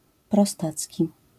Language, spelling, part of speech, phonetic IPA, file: Polish, prostacki, adjective, [prɔˈstat͡sʲci], LL-Q809 (pol)-prostacki.wav